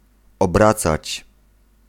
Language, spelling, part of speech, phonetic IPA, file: Polish, obracać, verb, [ɔbˈrat͡sat͡ɕ], Pl-obracać.ogg